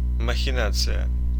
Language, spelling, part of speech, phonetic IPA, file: Russian, махинация, noun, [məxʲɪˈnat͡sɨjə], Ru-махинация.ogg
- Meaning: machination, shenanigans, gerrymander, fraud, contrivance, scheme